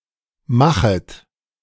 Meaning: second-person plural subjunctive I of machen
- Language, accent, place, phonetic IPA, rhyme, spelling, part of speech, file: German, Germany, Berlin, [ˈmaxət], -axət, machet, verb, De-machet.ogg